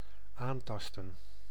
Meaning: 1. to affect badly, to damage (by contact), to attack (chemically) 2. to grab or hold with the fingers
- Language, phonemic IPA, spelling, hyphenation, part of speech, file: Dutch, /ˈaːnˌtɑstə(n)/, aantasten, aan‧tas‧ten, verb, Nl-aantasten.ogg